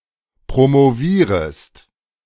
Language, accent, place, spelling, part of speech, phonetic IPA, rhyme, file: German, Germany, Berlin, promovierest, verb, [pʁomoˈviːʁəst], -iːʁəst, De-promovierest.ogg
- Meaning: second-person singular subjunctive I of promovieren